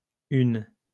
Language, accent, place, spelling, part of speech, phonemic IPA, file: French, France, Lyon, hune, noun, /yn/, LL-Q150 (fra)-hune.wav
- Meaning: foretop